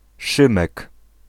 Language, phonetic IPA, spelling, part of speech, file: Polish, [ˈʃɨ̃mɛk], Szymek, noun, Pl-Szymek.ogg